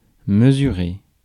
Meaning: to measure
- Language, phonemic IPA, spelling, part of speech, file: French, /mə.zy.ʁe/, mesurer, verb, Fr-mesurer.ogg